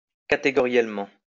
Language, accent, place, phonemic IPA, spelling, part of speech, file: French, France, Lyon, /ka.te.ɡɔ.ʁjɛl.mɑ̃/, catégoriellement, adverb, LL-Q150 (fra)-catégoriellement.wav
- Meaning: categorically